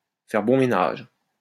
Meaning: to get along well, to make good bedfellows
- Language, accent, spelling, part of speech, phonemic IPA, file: French, France, faire bon ménage, verb, /fɛʁ bɔ̃ me.naʒ/, LL-Q150 (fra)-faire bon ménage.wav